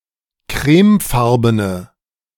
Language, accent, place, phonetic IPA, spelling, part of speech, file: German, Germany, Berlin, [ˈkʁɛːmˌfaʁbənə], crèmefarbene, adjective, De-crèmefarbene.ogg
- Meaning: inflection of crèmefarben: 1. strong/mixed nominative/accusative feminine singular 2. strong nominative/accusative plural 3. weak nominative all-gender singular